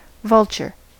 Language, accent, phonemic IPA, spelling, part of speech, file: English, US, /ˈvʌlt͡ʃɚ/, vulture, noun / verb / adjective, En-us-vulture.ogg
- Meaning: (noun) 1. Any of several carrion-eating birds of the families Accipitridae and Cathartidae 2. A person who profits from the suffering of others